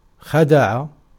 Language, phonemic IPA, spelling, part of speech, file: Arabic, /xa.da.ʕa/, خدع, verb, Ar-خدع.ogg
- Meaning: 1. to deceive 2. to not be plentiful, refuse a gift 3. to be dull (market), be sunk